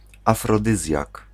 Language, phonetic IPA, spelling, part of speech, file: Polish, [ˌafrɔˈdɨzʲjak], afrodyzjak, noun, Pl-afrodyzjak.ogg